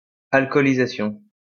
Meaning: alcoholization
- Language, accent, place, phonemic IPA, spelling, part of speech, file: French, France, Lyon, /al.kɔ.li.za.sjɔ̃/, alcoolisation, noun, LL-Q150 (fra)-alcoolisation.wav